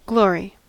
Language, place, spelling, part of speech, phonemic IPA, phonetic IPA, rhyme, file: English, California, glory, noun / verb, /ˈɡloɹi/, [ˈɡlɔɹi], -ɔːɹi, En-us-glory.ogg
- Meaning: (noun) 1. Great beauty and splendor 2. Honour, admiration, or distinction, accorded by common consent to a person or thing; high reputation; renown